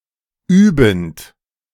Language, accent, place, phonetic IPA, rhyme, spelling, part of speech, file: German, Germany, Berlin, [ˈyːbn̩t], -yːbn̩t, übend, verb, De-übend.ogg
- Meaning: present participle of üben